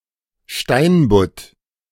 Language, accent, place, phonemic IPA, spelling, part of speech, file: German, Germany, Berlin, /ˈʃtaɪn.bʊt/, Steinbutt, noun, De-Steinbutt.ogg
- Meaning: turbot (any of various flatfishes of family Scophthalmidae)